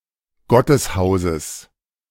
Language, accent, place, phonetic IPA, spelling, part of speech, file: German, Germany, Berlin, [ˈɡɔtəsˌhaʊ̯səs], Gotteshauses, noun, De-Gotteshauses.ogg
- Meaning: genitive singular of Gotteshaus